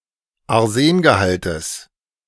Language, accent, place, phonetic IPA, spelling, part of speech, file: German, Germany, Berlin, [aʁˈzeːnɡəˌhaltəs], Arsengehaltes, noun, De-Arsengehaltes.ogg
- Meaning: genitive singular of Arsengehalt